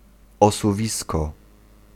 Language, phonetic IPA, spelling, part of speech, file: Polish, [ˌɔsuˈvʲiskɔ], osuwisko, noun, Pl-osuwisko.ogg